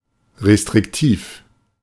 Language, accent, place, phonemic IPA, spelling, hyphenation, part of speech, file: German, Germany, Berlin, /ʁestʁɪkˈtiːf/, restriktiv, re‧strik‧tiv, adjective, De-restriktiv.ogg
- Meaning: restrictive